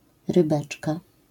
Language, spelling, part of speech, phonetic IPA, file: Polish, rybeczka, noun, [rɨˈbɛt͡ʃka], LL-Q809 (pol)-rybeczka.wav